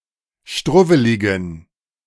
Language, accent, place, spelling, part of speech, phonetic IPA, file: German, Germany, Berlin, struwweligen, adjective, [ˈʃtʁʊvəlɪɡn̩], De-struwweligen.ogg
- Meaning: inflection of struwwelig: 1. strong genitive masculine/neuter singular 2. weak/mixed genitive/dative all-gender singular 3. strong/weak/mixed accusative masculine singular 4. strong dative plural